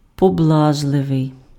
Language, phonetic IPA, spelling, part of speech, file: Ukrainian, [pɔˈbɫaʒɫeʋei̯], поблажливий, adjective, Uk-поблажливий.ogg
- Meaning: indulgent, lenient, forbearing, permissive